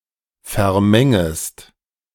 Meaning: second-person singular subjunctive I of vermengen
- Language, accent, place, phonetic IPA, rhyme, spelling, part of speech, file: German, Germany, Berlin, [fɛɐ̯ˈmɛŋəst], -ɛŋəst, vermengest, verb, De-vermengest.ogg